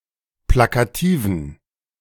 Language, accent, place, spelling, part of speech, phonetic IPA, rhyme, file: German, Germany, Berlin, plakativen, adjective, [ˌplakaˈtiːvn̩], -iːvn̩, De-plakativen.ogg
- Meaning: inflection of plakativ: 1. strong genitive masculine/neuter singular 2. weak/mixed genitive/dative all-gender singular 3. strong/weak/mixed accusative masculine singular 4. strong dative plural